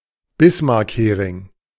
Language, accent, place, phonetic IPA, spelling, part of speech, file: German, Germany, Berlin, [ˈbɪsmaʁkheːʁɪŋ], Bismarckhering, noun, De-Bismarckhering.ogg
- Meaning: pickled herring